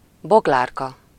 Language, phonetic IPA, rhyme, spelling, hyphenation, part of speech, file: Hungarian, [ˈboɡlaːrkɒ], -kɒ, Boglárka, Bog‧lár‧ka, proper noun, Hu-Boglárka.ogg
- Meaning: a female given name